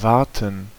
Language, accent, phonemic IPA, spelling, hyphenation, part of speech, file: German, Germany, /ˈvartən/, warten, war‧ten, verb, De-warten.ogg
- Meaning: 1. to wait (for) 2. to maintain (chiefly a machine, e.g. a car or heating)